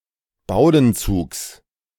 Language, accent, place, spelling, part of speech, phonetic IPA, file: German, Germany, Berlin, Bowdenzugs, noun, [ˈbaʊ̯dn̩ˌt͡suːks], De-Bowdenzugs.ogg
- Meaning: genitive singular of Bowdenzug